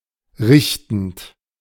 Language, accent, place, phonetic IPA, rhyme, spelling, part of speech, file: German, Germany, Berlin, [ˈʁɪçtn̩t], -ɪçtn̩t, richtend, verb, De-richtend.ogg
- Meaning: present participle of richten